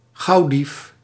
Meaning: 1. a fast-fingered, crafty thief 2. a clever crook, hustler
- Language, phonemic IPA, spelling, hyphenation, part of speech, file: Dutch, /ˈɣɑu̯.dif/, gauwdief, gauw‧dief, noun, Nl-gauwdief.ogg